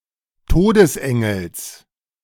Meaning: genitive of Todesengel
- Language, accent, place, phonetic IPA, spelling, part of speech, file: German, Germany, Berlin, [ˈtoːdəsˌʔɛŋl̩s], Todesengels, noun, De-Todesengels.ogg